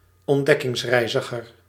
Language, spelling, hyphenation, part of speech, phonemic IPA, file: Dutch, ontdekkingsreiziger, ont‧dek‧kings‧rei‧zi‧ger, noun, /ɔnˌdɛkɪŋsrɛi̯zəɣər/, Nl-ontdekkingsreiziger.ogg
- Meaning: explorer (especially during the Age of Exploration)